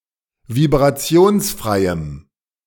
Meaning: strong dative masculine/neuter singular of vibrationsfrei
- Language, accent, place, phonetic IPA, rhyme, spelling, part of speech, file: German, Germany, Berlin, [vibʁaˈt͡si̯oːnsˌfʁaɪ̯əm], -oːnsfʁaɪ̯əm, vibrationsfreiem, adjective, De-vibrationsfreiem.ogg